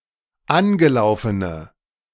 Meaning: inflection of angelaufen: 1. strong/mixed nominative/accusative feminine singular 2. strong nominative/accusative plural 3. weak nominative all-gender singular
- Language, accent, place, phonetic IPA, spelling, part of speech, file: German, Germany, Berlin, [ˈanɡəˌlaʊ̯fənə], angelaufene, adjective, De-angelaufene.ogg